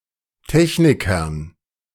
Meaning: dative plural of Techniker
- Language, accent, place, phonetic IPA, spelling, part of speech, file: German, Germany, Berlin, [ˈtɛçnɪkɐn], Technikern, noun, De-Technikern.ogg